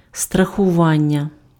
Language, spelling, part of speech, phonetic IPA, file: Ukrainian, страхування, noun, [strɐxʊˈʋanʲːɐ], Uk-страхування.ogg
- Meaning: 1. verbal noun of страхува́ти impf (straxuváty) 2. insurance (means of indemnity against a future occurrence of an uncertain event; the business of providing this)